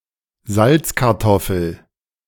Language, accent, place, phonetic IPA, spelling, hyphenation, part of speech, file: German, Germany, Berlin, [ˈzalt͡skaʁtɔfl̩], Salzkartoffel, Salz‧kar‧tof‧fel, noun, De-Salzkartoffel.ogg
- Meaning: boiled potato